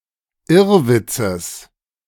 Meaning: genitive of Irrwitz
- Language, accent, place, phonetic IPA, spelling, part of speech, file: German, Germany, Berlin, [ˈɪʁˌvɪt͡səs], Irrwitzes, noun, De-Irrwitzes.ogg